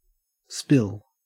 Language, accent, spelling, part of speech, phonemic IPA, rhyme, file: English, Australia, spill, verb / noun, /spɪl/, -ɪl, En-au-spill.ogg
- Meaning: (verb) 1. To drop something so that it spreads out or makes a mess; to accidentally pour 2. To spread out or fall out, as above 3. To overflow out of a designated area